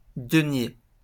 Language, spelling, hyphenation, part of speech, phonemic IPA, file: French, denier, de‧nier, noun, /də.nje/, LL-Q150 (fra)-denier.wav
- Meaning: 1. denier (coin) 2. denier (unit of weight) 3. money